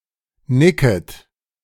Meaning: second-person plural subjunctive I of nicken
- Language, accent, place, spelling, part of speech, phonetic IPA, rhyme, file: German, Germany, Berlin, nicket, verb, [ˈnɪkət], -ɪkət, De-nicket.ogg